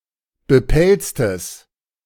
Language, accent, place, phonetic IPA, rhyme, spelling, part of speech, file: German, Germany, Berlin, [bəˈpɛlt͡stəs], -ɛlt͡stəs, bepelztes, adjective, De-bepelztes.ogg
- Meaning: strong/mixed nominative/accusative neuter singular of bepelzt